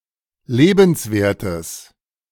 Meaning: strong/mixed nominative/accusative neuter singular of lebenswert
- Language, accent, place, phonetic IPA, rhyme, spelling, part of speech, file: German, Germany, Berlin, [ˈleːbn̩sˌveːɐ̯təs], -eːbn̩sveːɐ̯təs, lebenswertes, adjective, De-lebenswertes.ogg